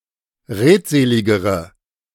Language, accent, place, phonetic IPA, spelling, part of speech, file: German, Germany, Berlin, [ˈʁeːtˌzeːlɪɡəʁə], redseligere, adjective, De-redseligere.ogg
- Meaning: inflection of redselig: 1. strong/mixed nominative/accusative feminine singular comparative degree 2. strong nominative/accusative plural comparative degree